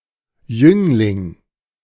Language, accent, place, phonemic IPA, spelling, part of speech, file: German, Germany, Berlin, /ˈjʏŋlɪŋ/, Jüngling, noun, De-Jüngling.ogg
- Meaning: youth, youngling, stripling, sapling